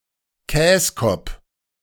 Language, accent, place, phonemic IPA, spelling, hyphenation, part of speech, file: German, Germany, Berlin, /ˈkɛːskɔp/, Käskopp, Käs‧kopp, noun, De-Käskopp.ogg
- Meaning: 1. simpleton 2. Dutch person